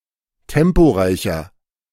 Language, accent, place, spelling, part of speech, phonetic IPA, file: German, Germany, Berlin, temporeicher, adjective, [ˈtɛmpoˌʁaɪ̯çɐ], De-temporeicher.ogg
- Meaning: 1. comparative degree of temporeich 2. inflection of temporeich: strong/mixed nominative masculine singular 3. inflection of temporeich: strong genitive/dative feminine singular